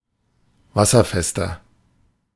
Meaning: 1. comparative degree of wasserfest 2. inflection of wasserfest: strong/mixed nominative masculine singular 3. inflection of wasserfest: strong genitive/dative feminine singular
- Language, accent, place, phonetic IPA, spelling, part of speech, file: German, Germany, Berlin, [ˈvasɐˌfɛstɐ], wasserfester, adjective, De-wasserfester.ogg